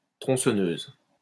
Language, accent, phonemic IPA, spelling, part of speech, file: French, France, /tʁɔ̃.sɔ.nøz/, tronçonneuse, noun, LL-Q150 (fra)-tronçonneuse.wav
- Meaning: chainsaw (saw with a power driven chain)